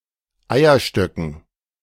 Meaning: dative plural of Eierstock
- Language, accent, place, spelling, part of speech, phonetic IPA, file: German, Germany, Berlin, Eierstöcken, noun, [ˈaɪ̯ɐˌʃtœkn̩], De-Eierstöcken.ogg